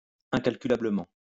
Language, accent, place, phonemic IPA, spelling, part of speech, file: French, France, Lyon, /ɛ̃.kal.ky.la.blə.mɑ̃/, incalculablement, adverb, LL-Q150 (fra)-incalculablement.wav
- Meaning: incalculably